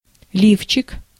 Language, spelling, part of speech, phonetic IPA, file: Russian, лифчик, noun, [ˈlʲift͡ɕɪk], Ru-лифчик.ogg
- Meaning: 1. brassiere, bra 2. diminutive of лиф (lif); a (small) bodice 3. load bearing vest